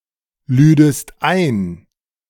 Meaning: second-person singular subjunctive II of einladen
- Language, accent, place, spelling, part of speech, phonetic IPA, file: German, Germany, Berlin, lüdest ein, verb, [ˌlyːdəst ˈaɪ̯n], De-lüdest ein.ogg